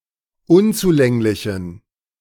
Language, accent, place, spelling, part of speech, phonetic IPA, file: German, Germany, Berlin, unzulänglichen, adjective, [ˈʊnt͡suˌlɛŋlɪçn̩], De-unzulänglichen.ogg
- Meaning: inflection of unzulänglich: 1. strong genitive masculine/neuter singular 2. weak/mixed genitive/dative all-gender singular 3. strong/weak/mixed accusative masculine singular 4. strong dative plural